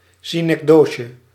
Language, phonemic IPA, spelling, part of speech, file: Dutch, /sinɛkˈdoːxə/, synecdoche, noun, Nl-synecdoche.ogg
- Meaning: synecdoche